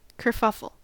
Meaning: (noun) A disorderly outburst, disturbance, commotion, or tumult; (verb) To make a disorderly outburst or commotion
- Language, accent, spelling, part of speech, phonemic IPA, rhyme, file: English, US, kerfuffle, noun / verb, /kɚˈfʌfəl/, -ʌfəl, En-us-kerfuffle.ogg